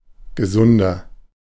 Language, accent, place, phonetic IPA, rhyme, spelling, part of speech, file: German, Germany, Berlin, [ɡəˈzʊndɐ], -ʊndɐ, gesunder, adjective, De-gesunder.ogg
- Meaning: inflection of gesund: 1. strong/mixed nominative masculine singular 2. strong genitive/dative feminine singular 3. strong genitive plural